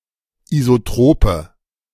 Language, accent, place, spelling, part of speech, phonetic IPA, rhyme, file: German, Germany, Berlin, isotrope, adjective, [izoˈtʁoːpə], -oːpə, De-isotrope.ogg
- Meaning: inflection of isotrop: 1. strong/mixed nominative/accusative feminine singular 2. strong nominative/accusative plural 3. weak nominative all-gender singular 4. weak accusative feminine/neuter singular